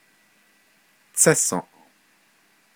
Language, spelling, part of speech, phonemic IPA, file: Navajo, tsésǫʼ, noun, /t͡sʰɛ́sõ̀ʔ/, Nv-tsésǫʼ.ogg
- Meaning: 1. mica 2. glass, window, pane